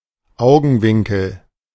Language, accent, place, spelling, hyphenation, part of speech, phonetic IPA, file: German, Germany, Berlin, Augenwinkel, Au‧gen‧win‧kel, noun, [ˈaʊ̯ɡn̩ˌvɪŋkl̩], De-Augenwinkel.ogg
- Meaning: corner of the eye